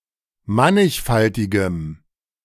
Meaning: strong dative masculine/neuter singular of mannigfaltig
- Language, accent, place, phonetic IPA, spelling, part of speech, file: German, Germany, Berlin, [ˈmanɪçˌfaltɪɡəm], mannigfaltigem, adjective, De-mannigfaltigem.ogg